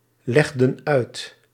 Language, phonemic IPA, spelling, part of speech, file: Dutch, /ˈlɛɣdə(n) ˈœyt/, legden uit, verb, Nl-legden uit.ogg
- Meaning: inflection of uitleggen: 1. plural past indicative 2. plural past subjunctive